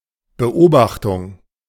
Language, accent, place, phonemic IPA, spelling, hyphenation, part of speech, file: German, Germany, Berlin, /bəˈʔoːbaxtʊŋ/, Beobachtung, Be‧ob‧ach‧tung, noun, De-Beobachtung.ogg
- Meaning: 1. monitoring; surveillance; supervision 2. observation 3. sighting (of a bird, animal, UFO, etc.)